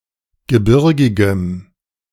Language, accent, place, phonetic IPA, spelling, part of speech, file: German, Germany, Berlin, [ɡəˈbɪʁɡɪɡəm], gebirgigem, adjective, De-gebirgigem.ogg
- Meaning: strong dative masculine/neuter singular of gebirgig